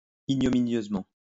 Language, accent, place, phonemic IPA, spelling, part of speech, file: French, France, Lyon, /i.ɲɔ.mi.njøz.mɑ̃/, ignominieusement, adverb, LL-Q150 (fra)-ignominieusement.wav
- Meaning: ignominiously